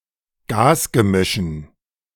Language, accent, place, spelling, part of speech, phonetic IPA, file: German, Germany, Berlin, Gasgemischen, noun, [ˈɡaːsɡəˌmɪʃn̩], De-Gasgemischen.ogg
- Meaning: dative plural of Gasgemisch